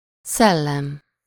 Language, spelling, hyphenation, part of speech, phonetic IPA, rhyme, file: Hungarian, szellem, szel‧lem, noun, [ˈsɛlːɛm], -ɛm, Hu-szellem.ogg
- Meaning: 1. spirit, mentality 2. ghost 3. mind, wit, intellect, reason 4. genius